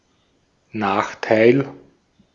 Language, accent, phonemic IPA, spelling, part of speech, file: German, Austria, /ˈnaːxtai̯l/, Nachteil, noun, De-at-Nachteil.ogg
- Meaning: 1. disadvantage, demerit 2. drawback